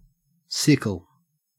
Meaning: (noun) An implement having a semicircular blade and short handle, used for cutting long grass and cereal crops
- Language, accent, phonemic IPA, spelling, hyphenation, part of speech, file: English, Australia, /ˈsɪkl̩/, sickle, sic‧kle, noun / verb, En-au-sickle.ogg